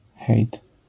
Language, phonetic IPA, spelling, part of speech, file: Polish, [xɛjt], hejt, noun / interjection, LL-Q809 (pol)-hejt.wav